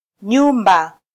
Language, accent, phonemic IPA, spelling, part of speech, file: Swahili, Kenya, /ˈɲu.ᵐbɑ/, nyumba, noun, Sw-ke-nyumba.flac
- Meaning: house